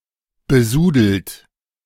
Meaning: 1. past participle of besudeln 2. inflection of besudeln: third-person singular present 3. inflection of besudeln: second-person plural present 4. inflection of besudeln: plural imperative
- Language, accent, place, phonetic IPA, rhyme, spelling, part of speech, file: German, Germany, Berlin, [bəˈzuːdl̩t], -uːdl̩t, besudelt, verb, De-besudelt.ogg